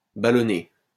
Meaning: past participle of ballonner
- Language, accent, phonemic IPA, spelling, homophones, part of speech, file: French, France, /ba.lɔ.ne/, ballonné, ballonnai / ballonnée / ballonnées / ballonner / ballonnés / ballonnez, verb, LL-Q150 (fra)-ballonné.wav